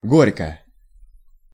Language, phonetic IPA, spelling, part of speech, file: Russian, [ˈɡorʲkə], горько, adverb / adjective / interjection, Ru-горько.ogg
- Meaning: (adverb) 1. bitter, bitterly 2. poignant, poignantly; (adjective) short neuter singular of го́рький (górʹkij)